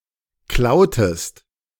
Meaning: inflection of klauen: 1. second-person singular preterite 2. second-person singular subjunctive II
- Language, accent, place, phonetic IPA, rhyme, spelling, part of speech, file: German, Germany, Berlin, [ˈklaʊ̯təst], -aʊ̯təst, klautest, verb, De-klautest.ogg